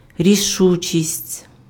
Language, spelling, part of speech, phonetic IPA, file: Ukrainian, рішучість, noun, [rʲiˈʃut͡ʃʲisʲtʲ], Uk-рішучість.ogg
- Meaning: decisiveness, decision, resoluteness, resolution, determination, determinedness